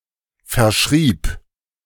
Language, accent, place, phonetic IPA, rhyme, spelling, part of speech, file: German, Germany, Berlin, [fɛɐ̯ˈʃʁiːp], -iːp, verschrieb, verb, De-verschrieb.ogg
- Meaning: first/third-person singular preterite of verschreiben